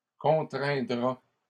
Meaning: third-person singular simple future of contraindre
- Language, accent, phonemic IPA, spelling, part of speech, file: French, Canada, /kɔ̃.tʁɛ̃.dʁa/, contraindra, verb, LL-Q150 (fra)-contraindra.wav